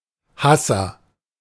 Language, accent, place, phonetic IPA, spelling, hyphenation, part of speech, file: German, Germany, Berlin, [ˈhasɐ], Hasser, Has‧ser, noun, De-Hasser.ogg
- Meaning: hater